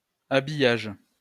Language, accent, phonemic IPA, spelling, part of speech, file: French, France, /a.bi.jaʒ/, habillage, noun, LL-Q150 (fra)-habillage.wav
- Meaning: 1. dressing 2. lining 3. preparing (various types of food to be cooked) 4. skin (set of resources that modifies the appearance)